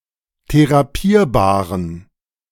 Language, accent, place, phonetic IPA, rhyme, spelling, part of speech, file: German, Germany, Berlin, [teʁaˈpiːɐ̯baːʁən], -iːɐ̯baːʁən, therapierbaren, adjective, De-therapierbaren.ogg
- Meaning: inflection of therapierbar: 1. strong genitive masculine/neuter singular 2. weak/mixed genitive/dative all-gender singular 3. strong/weak/mixed accusative masculine singular 4. strong dative plural